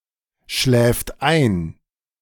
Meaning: third-person singular present of einschlafen
- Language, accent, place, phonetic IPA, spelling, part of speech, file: German, Germany, Berlin, [ˌʃlɛːft ˈaɪ̯n], schläft ein, verb, De-schläft ein.ogg